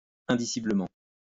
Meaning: unspeakably
- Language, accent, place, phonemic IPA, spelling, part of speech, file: French, France, Lyon, /ɛ̃.di.si.blə.mɑ̃/, indiciblement, adverb, LL-Q150 (fra)-indiciblement.wav